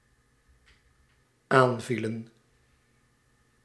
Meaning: inflection of aanvallen: 1. plural dependent-clause past indicative 2. plural dependent-clause past subjunctive
- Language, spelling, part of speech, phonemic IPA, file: Dutch, aanvielen, verb, /ˈaɱvilə(n)/, Nl-aanvielen.ogg